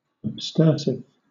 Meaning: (adjective) Cleansing; purging; abstergent; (noun) Something cleansing; detergent; abstergent
- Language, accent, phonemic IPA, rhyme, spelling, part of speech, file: English, Southern England, /əbˈstɜː(ɹ).sɪv/, -ɜː(ɹ)sɪv, abstersive, adjective / noun, LL-Q1860 (eng)-abstersive.wav